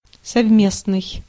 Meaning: 1. joint, shared (done by two or more people or organisations working together) 2. common, conjoint, united 3. compatible, simultaneous
- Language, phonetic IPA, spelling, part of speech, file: Russian, [sɐvˈmʲesnɨj], совместный, adjective, Ru-совместный.ogg